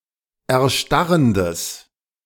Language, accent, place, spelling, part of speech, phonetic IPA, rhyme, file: German, Germany, Berlin, erstarrendes, adjective, [ɛɐ̯ˈʃtaʁəndəs], -aʁəndəs, De-erstarrendes.ogg
- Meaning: strong/mixed nominative/accusative neuter singular of erstarrend